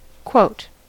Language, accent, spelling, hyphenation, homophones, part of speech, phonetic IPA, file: English, General American, quote, quote, coat, noun / verb / particle, [kʰwoʊt], En-us-quote.ogg
- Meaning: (noun) 1. A statement attributed to a person; a quotation 2. A quotation mark 3. A summary of work to be done with a set price; a quotation